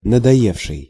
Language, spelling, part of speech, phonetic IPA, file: Russian, надоевший, verb, [nədɐˈjefʂɨj], Ru-надоевший.ogg
- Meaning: past active perfective participle of надое́сть (nadojéstʹ)